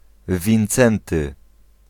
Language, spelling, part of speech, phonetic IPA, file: Polish, Wincenty, proper noun / noun, [vʲĩnˈt͡sɛ̃ntɨ], Pl-Wincenty.ogg